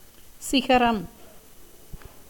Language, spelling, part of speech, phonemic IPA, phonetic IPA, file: Tamil, சிகரம், noun, /tʃɪɡɐɾɐm/, [sɪɡɐɾɐm], Ta-சிகரம்.ogg
- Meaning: 1. summit 2. mountain, height